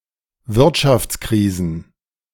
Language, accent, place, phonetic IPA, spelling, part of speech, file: German, Germany, Berlin, [ˈvɪʁtʃaft͡sˌkʁiːzn̩], Wirtschaftskrisen, noun, De-Wirtschaftskrisen.ogg
- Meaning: plural of Wirtschaftskrise